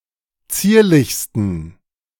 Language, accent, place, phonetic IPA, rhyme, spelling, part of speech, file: German, Germany, Berlin, [ˈt͡siːɐ̯lɪçstn̩], -iːɐ̯lɪçstn̩, zierlichsten, adjective, De-zierlichsten.ogg
- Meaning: 1. superlative degree of zierlich 2. inflection of zierlich: strong genitive masculine/neuter singular superlative degree